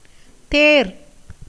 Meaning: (noun) 1. chariot, vehicle, car 2. Rohini, the 4th nakshatra 3. mirage; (verb) 1. to select; elect 2. to examine, investigate 3. to ponder, consider 4. to ascertain, form a conclusion
- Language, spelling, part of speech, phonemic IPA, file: Tamil, தேர், noun / verb, /t̪eːɾ/, Ta-தேர்.ogg